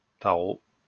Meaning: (noun) 1. taro (plant) 2. slang form of tarif (“price”); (verb) to have sex with
- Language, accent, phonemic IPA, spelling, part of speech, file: French, France, /ta.ʁo/, taro, noun / verb, LL-Q150 (fra)-taro.wav